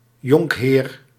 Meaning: esquire, squire: 1. (honorific for a male untitled member of the nobility) 2. (the lowest rank in the peerage, below knight); 3. (a son of a nobleman; a yet unknighted young male nobleman)
- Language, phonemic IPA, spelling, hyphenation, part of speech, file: Dutch, /ˈjɔŋkˌɦeːr/, jonkheer, jonk‧heer, noun, Nl-jonkheer.ogg